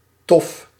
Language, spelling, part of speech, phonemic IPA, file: Dutch, tof, adjective / interjection, /tɔf/, Nl-tof.ogg
- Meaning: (adjective) 1. cool (objects) 2. nice (persons); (interjection) great!; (adjective) tough, difficult, harsh